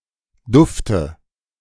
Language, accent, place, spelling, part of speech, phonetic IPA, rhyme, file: German, Germany, Berlin, Dufte, noun, [ˈdʊftə], -ʊftə, De-Dufte.ogg
- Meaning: dative singular of Duft